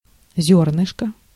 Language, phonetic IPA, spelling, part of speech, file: Russian, [ˈzʲɵrnɨʂkə], зернышко, noun, Ru-зернышко.ogg
- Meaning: alternative spelling of зёрнышко (zjórnyško)